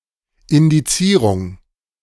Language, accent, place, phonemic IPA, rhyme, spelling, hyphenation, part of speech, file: German, Germany, Berlin, /ɪndiˈt͡siːʁʊŋ/, -ʊŋ, Indizierung, In‧di‧zie‧rung, noun, De-Indizierung.ogg
- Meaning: indexing